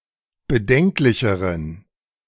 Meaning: inflection of bedenklich: 1. strong genitive masculine/neuter singular comparative degree 2. weak/mixed genitive/dative all-gender singular comparative degree
- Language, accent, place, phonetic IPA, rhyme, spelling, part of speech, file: German, Germany, Berlin, [bəˈdɛŋklɪçəʁən], -ɛŋklɪçəʁən, bedenklicheren, adjective, De-bedenklicheren.ogg